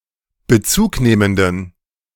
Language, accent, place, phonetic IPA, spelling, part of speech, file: German, Germany, Berlin, [bəˈt͡suːkˌneːməndn̩], bezugnehmenden, adjective, De-bezugnehmenden.ogg
- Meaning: inflection of bezugnehmend: 1. strong genitive masculine/neuter singular 2. weak/mixed genitive/dative all-gender singular 3. strong/weak/mixed accusative masculine singular 4. strong dative plural